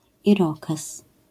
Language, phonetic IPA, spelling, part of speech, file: Polish, [iˈrɔkɛs], irokez, noun, LL-Q809 (pol)-irokez.wav